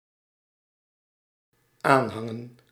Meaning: to adhere to (an idea or philosophy)
- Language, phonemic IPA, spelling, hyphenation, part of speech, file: Dutch, /ˈaːnˌɦɑŋə(n)/, aanhangen, aan‧han‧gen, verb, Nl-aanhangen.ogg